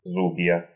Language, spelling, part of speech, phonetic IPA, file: Russian, зубья, noun, [ˈzub⁽ʲ⁾jə], Ru-зу́бья.ogg
- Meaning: 1. nominative plural of зуб (zub) 2. accusative plural of зуб (zub)